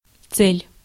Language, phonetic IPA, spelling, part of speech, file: Russian, [t͡sɛlʲ], цель, noun / verb, Ru-цель.ogg
- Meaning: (noun) 1. goal, target, aim, end, object 2. purpose 3. destination (of traveller); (verb) second-person singular imperative imperfective of це́лить (célitʹ)